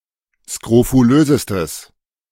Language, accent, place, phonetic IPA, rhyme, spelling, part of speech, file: German, Germany, Berlin, [skʁofuˈløːzəstəs], -øːzəstəs, skrofulösestes, adjective, De-skrofulösestes.ogg
- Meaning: strong/mixed nominative/accusative neuter singular superlative degree of skrofulös